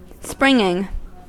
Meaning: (verb) present participle and gerund of spring; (noun) 1. The action of the verb to spring 2. A set of springs in a vehicle, etc 3. The spring of an arch: the lowest part of an arch on both sides
- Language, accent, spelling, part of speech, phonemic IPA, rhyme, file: English, US, springing, verb / noun / adjective, /ˈspɹɪŋɪŋ/, -ɪŋɪŋ, En-us-springing.ogg